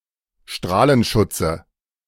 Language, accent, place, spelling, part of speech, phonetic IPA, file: German, Germany, Berlin, Strahlenschutze, noun, [ˈʃtʁaːlənˌʃʊt͡sə], De-Strahlenschutze.ogg
- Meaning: nominative/accusative/genitive plural of Strahlenschutz